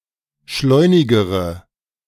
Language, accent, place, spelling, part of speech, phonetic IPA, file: German, Germany, Berlin, schleunigere, adjective, [ˈʃlɔɪ̯nɪɡəʁə], De-schleunigere.ogg
- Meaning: inflection of schleunig: 1. strong/mixed nominative/accusative feminine singular comparative degree 2. strong nominative/accusative plural comparative degree